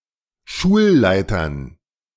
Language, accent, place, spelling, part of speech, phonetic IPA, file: German, Germany, Berlin, Schulleitern, noun, [ˈʃuːlˌlaɪ̯tɐn], De-Schulleitern.ogg
- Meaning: dative plural of Schulleiter